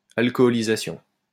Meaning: alcoholization
- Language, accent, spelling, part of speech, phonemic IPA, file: French, France, alcoholisation, noun, /al.kɔ.li.za.sjɔ̃/, LL-Q150 (fra)-alcoholisation.wav